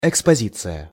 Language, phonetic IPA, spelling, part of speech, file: Russian, [ɪkspɐˈzʲit͡sɨjə], экспозиция, noun, Ru-экспозиция.ogg
- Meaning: 1. exposition, display 2. exposure